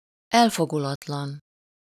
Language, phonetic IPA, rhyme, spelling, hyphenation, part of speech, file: Hungarian, [ˈɛlfoɡulɒtlɒn], -ɒn, elfogulatlan, el‧fo‧gu‧lat‧lan, adjective, Hu-elfogulatlan.ogg
- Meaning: unbiased, evenhanded, impartial